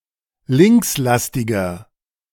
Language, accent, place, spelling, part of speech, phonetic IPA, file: German, Germany, Berlin, linkslastiger, adjective, [ˈlɪŋksˌlastɪɡɐ], De-linkslastiger.ogg
- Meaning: 1. comparative degree of linkslastig 2. inflection of linkslastig: strong/mixed nominative masculine singular 3. inflection of linkslastig: strong genitive/dative feminine singular